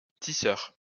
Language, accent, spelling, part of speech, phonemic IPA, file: French, France, tisseur, noun, /ti.sœʁ/, LL-Q150 (fra)-tisseur.wav
- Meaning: weaver (someone who weaves)